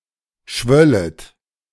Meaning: second-person plural subjunctive II of schwellen
- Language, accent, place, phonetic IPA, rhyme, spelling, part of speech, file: German, Germany, Berlin, [ˈʃvœlət], -œlət, schwöllet, verb, De-schwöllet.ogg